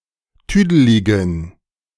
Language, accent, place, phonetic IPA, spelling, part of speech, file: German, Germany, Berlin, [ˈtyːdəlɪɡn̩], tüdeligen, adjective, De-tüdeligen.ogg
- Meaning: inflection of tüdelig: 1. strong genitive masculine/neuter singular 2. weak/mixed genitive/dative all-gender singular 3. strong/weak/mixed accusative masculine singular 4. strong dative plural